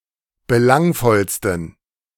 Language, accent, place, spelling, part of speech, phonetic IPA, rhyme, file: German, Germany, Berlin, belangvollsten, adjective, [bəˈlaŋfɔlstn̩], -aŋfɔlstn̩, De-belangvollsten.ogg
- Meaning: 1. superlative degree of belangvoll 2. inflection of belangvoll: strong genitive masculine/neuter singular superlative degree